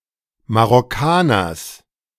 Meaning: genitive of Marokkaner
- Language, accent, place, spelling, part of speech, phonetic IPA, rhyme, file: German, Germany, Berlin, Marokkaners, noun, [maʁɔˈkaːnɐs], -aːnɐs, De-Marokkaners.ogg